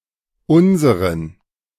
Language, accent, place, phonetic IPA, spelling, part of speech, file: German, Germany, Berlin, [ˈʔʊnzəʁən], unseren, pronoun, De-unseren.ogg
- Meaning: inflection of unser: 1. accusative masculine singular 2. dative plural